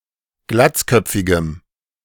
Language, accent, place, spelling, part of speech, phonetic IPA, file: German, Germany, Berlin, glatzköpfigem, adjective, [ˈɡlat͡sˌkœp͡fɪɡəm], De-glatzköpfigem.ogg
- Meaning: strong dative masculine/neuter singular of glatzköpfig